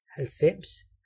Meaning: ninety
- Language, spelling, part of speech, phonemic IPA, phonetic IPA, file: Danish, halvfems, numeral, /halvˈfɛmˀs/, [halˈfɛmˀs], Da-halvfems.ogg